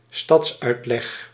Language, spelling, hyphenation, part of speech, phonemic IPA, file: Dutch, stadsuitleg, stads‧uit‧leg, noun, /ˈstɑts.œy̯t.lɛx/, Nl-stadsuitleg.ogg
- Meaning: the expansion of a city outside its previous walls